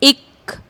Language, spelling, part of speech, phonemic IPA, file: Punjabi, ਇੱਕ, numeral, /ɪkːə̆/, Pa-ਇੱਕ.ogg
- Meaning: one